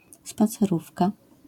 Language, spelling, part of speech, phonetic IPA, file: Polish, spacerówka, noun, [ˌspat͡sɛˈrufka], LL-Q809 (pol)-spacerówka.wav